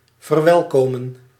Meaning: to welcome (to affirm or greet the arrival of someone)
- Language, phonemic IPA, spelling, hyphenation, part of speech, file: Dutch, /vərˈʋɛlˌkoːmə(n)/, verwelkomen, ver‧wel‧ko‧men, verb, Nl-verwelkomen.ogg